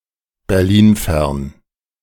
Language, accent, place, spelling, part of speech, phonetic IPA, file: German, Germany, Berlin, berlinfern, adjective, [bɛʁˈliːnˌfɛʁn], De-berlinfern.ogg
- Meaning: remote from Berlin